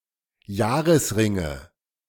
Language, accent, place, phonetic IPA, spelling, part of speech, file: German, Germany, Berlin, [ˈjaːʁəsˌʁɪŋə], Jahresringe, noun, De-Jahresringe.ogg
- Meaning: nominative/accusative/genitive plural of Jahresring